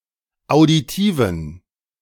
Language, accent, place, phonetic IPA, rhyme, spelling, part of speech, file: German, Germany, Berlin, [aʊ̯diˈtiːvn̩], -iːvn̩, auditiven, adjective, De-auditiven.ogg
- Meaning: inflection of auditiv: 1. strong genitive masculine/neuter singular 2. weak/mixed genitive/dative all-gender singular 3. strong/weak/mixed accusative masculine singular 4. strong dative plural